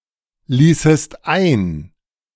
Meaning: second-person singular subjunctive II of einlassen
- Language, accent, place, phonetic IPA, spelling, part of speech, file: German, Germany, Berlin, [ˌliːsəst ˈaɪ̯n], ließest ein, verb, De-ließest ein.ogg